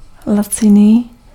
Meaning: 1. cheap, inexpensive (low and/or reduced in price) 2. cheap (of little worth)
- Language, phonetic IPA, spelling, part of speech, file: Czech, [ˈlat͡sɪniː], laciný, adjective, Cs-laciný.ogg